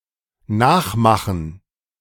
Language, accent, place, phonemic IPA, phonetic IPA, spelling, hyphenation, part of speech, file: German, Germany, Berlin, /ˈnaːxˌmaxən/, [ˈnaːxˌmaxn̩], nachmachen, nach‧ma‧chen, verb, De-nachmachen.ogg
- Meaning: to imitate, to copy